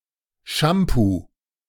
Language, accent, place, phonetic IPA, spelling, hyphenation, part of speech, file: German, Germany, Berlin, [ˈʃampu], Shampoo, Sham‧poo, noun, De-Shampoo.ogg
- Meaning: shampoo (product for washing hair)